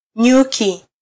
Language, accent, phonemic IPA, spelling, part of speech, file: Swahili, Kenya, /ˈɲu.ki/, nyuki, noun, Sw-ke-nyuki.flac
- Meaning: bee